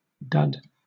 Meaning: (noun) 1. A device or machine that is useless because it does not work properly or has failed to work, such as a bomb, or explosive projectile 2. A failure of any kind
- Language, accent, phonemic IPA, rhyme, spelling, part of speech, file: English, Southern England, /dʌd/, -ʌd, dud, noun / adjective / verb, LL-Q1860 (eng)-dud.wav